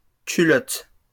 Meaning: plural of culotte
- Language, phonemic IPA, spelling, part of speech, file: French, /ky.lɔt/, culottes, noun, LL-Q150 (fra)-culottes.wav